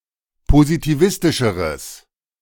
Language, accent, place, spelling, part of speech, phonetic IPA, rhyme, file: German, Germany, Berlin, positivistischeres, adjective, [pozitiˈvɪstɪʃəʁəs], -ɪstɪʃəʁəs, De-positivistischeres.ogg
- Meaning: strong/mixed nominative/accusative neuter singular comparative degree of positivistisch